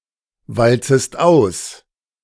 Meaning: second-person singular subjunctive I of auswalzen
- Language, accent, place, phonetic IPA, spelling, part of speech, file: German, Germany, Berlin, [ˌvalt͡səst ˈaʊ̯s], walzest aus, verb, De-walzest aus.ogg